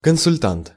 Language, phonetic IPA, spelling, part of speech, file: Russian, [kənsʊlʲˈtant], консультант, noun, Ru-консультант.ogg
- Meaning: consultant